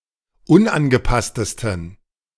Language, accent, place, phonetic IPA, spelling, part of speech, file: German, Germany, Berlin, [ˈʊnʔanɡəˌpastəstn̩], unangepasstesten, adjective, De-unangepasstesten.ogg
- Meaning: 1. superlative degree of unangepasst 2. inflection of unangepasst: strong genitive masculine/neuter singular superlative degree